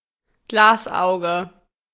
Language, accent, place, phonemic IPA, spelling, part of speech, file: German, Germany, Berlin, /ˈɡlaːsˌʔaʊ̯ɡə/, Glasauge, noun, De-Glasauge.ogg
- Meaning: glass eye